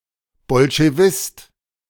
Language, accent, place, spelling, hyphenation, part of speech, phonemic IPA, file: German, Germany, Berlin, Bolschewist, Bol‧sche‧wist, noun, /bɔlʃeˈvɪst/, De-Bolschewist.ogg
- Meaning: 1. Bolshevist (male or unspecified sex) 2. any communist or Soviet person